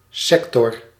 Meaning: sector
- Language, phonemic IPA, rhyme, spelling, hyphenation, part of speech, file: Dutch, /ˈsɛk.tɔr/, -ɛktɔr, sector, sec‧tor, noun, Nl-sector.ogg